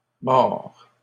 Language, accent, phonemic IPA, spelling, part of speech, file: French, Canada, /mɔʁ/, morts, adjective / noun, LL-Q150 (fra)-morts.wav
- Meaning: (adjective) masculine plural of mort; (noun) plural of mort